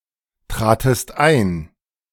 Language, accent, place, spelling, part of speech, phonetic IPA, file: German, Germany, Berlin, tratest ein, verb, [tʁaːtəst ˈaɪ̯n], De-tratest ein.ogg
- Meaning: second-person singular preterite of eintreten